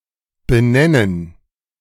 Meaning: 1. to name, give a name to 2. to name (after), name (for) 3. to call 4. to designate, denominate, nominate 5. to address, identify (a problem etc.)
- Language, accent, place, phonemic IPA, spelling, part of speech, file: German, Germany, Berlin, /bəˈnɛnən/, benennen, verb, De-benennen.ogg